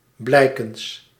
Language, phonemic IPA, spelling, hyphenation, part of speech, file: Dutch, /ˈblɛi̯.kəns/, blijkens, blij‧kens, preposition, Nl-blijkens.ogg
- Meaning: according to, judging from, as is apparent from